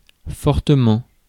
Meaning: 1. strongly, powerfully: strongly (fulfilling a stricter set of criteria) 2. strongly, powerfully: highly, extremely, sorely 3. seriously, greatly
- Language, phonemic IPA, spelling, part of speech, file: French, /fɔʁ.tə.mɑ̃/, fortement, adverb, Fr-fortement.ogg